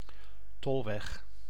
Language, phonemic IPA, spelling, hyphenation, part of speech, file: Dutch, /ˈtɔl.ʋɛx/, tolweg, tol‧weg, noun, Nl-tolweg.ogg
- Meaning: toll road, turnpike